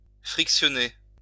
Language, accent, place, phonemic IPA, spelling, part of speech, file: French, France, Lyon, /fʁik.sjɔ.ne/, frictionner, verb, LL-Q150 (fra)-frictionner.wav
- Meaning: to rub, rub down, massage